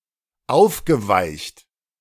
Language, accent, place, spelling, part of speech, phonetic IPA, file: German, Germany, Berlin, aufgeweicht, verb, [ˈaʊ̯fɡəˌvaɪ̯çt], De-aufgeweicht.ogg
- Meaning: past participle of aufweichen